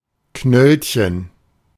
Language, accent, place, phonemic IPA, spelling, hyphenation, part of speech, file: German, Germany, Berlin, /ˈknœlçən/, Knöllchen, Knöll‧chen, noun, De-Knöllchen.ogg
- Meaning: 1. diminutive of Knolle 2. parking ticket